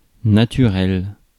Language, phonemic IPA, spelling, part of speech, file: French, /na.ty.ʁɛl/, naturel, adjective / noun, Fr-naturel.ogg
- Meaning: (adjective) 1. natural 2. natural (born out of wedlock; biological); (noun) naturalness